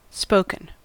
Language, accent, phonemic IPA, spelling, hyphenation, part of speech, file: English, US, /ˈspoʊ.kən/, spoken, spo‧ken, adjective / verb, En-us-spoken.ogg
- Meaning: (adjective) 1. Expressed in speech 2. Speaking in a specified way 3. Of a language, produced by articulate sounds; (verb) past participle of speak